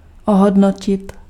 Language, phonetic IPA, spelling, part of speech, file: Czech, [ˈoɦodnocɪt], ohodnotit, verb, Cs-ohodnotit.ogg
- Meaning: to evaluate